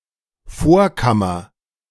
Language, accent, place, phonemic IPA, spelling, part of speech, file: German, Germany, Berlin, /ˈfoːɐ̯ˌkamɐ/, Vorkammer, noun, De-Vorkammer.ogg
- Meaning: antechamber, entrance hall